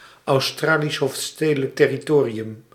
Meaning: Australian Capital Territory (a federal territory in southeastern Australia, containing the capital, Canberra)
- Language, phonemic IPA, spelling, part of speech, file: Dutch, /ɑu̯ˌstraː.lis ˌɦoːft.steː.də.lək tɛ.riˈtoː.ri.ʏm/, Australisch Hoofdstedelijk Territorium, proper noun, Nl-Australisch Hoofdstedelijk Territorium.ogg